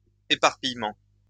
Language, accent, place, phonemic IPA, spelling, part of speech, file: French, France, Lyon, /e.paʁ.pij.mɑ̃/, éparpillement, noun, LL-Q150 (fra)-éparpillement.wav
- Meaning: 1. scattering 2. dissipation